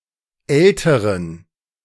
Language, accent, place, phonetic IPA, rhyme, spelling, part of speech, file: German, Germany, Berlin, [ˈɛltəʁən], -ɛltəʁən, älteren, adjective, De-älteren.ogg
- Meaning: inflection of alt: 1. strong genitive masculine/neuter singular comparative degree 2. weak/mixed genitive/dative all-gender singular comparative degree